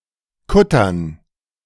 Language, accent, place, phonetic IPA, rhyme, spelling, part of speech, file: German, Germany, Berlin, [ˈkʊtɐn], -ʊtɐn, Kuttern, noun, De-Kuttern.ogg
- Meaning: dative plural of Kutter